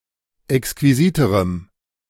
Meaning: strong dative masculine/neuter singular comparative degree of exquisit
- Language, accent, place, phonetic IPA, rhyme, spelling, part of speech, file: German, Germany, Berlin, [ɛkskviˈziːtəʁəm], -iːtəʁəm, exquisiterem, adjective, De-exquisiterem.ogg